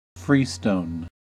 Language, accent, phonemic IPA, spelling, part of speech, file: English, US, /ˈfɹiːstoʊn/, freestone, noun, En-us-freestone.ogg
- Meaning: Sedimentary rock: a type of stone that is composed of small particles and easily shaped, most commonly sandstone or limestone